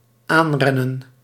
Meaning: 1. to run near, to run close(r) 2. to attack [with op], to charge
- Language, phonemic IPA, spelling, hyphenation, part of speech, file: Dutch, /ˈaːnˌrɛ.nə(n)/, aanrennen, aan‧ren‧nen, verb, Nl-aanrennen.ogg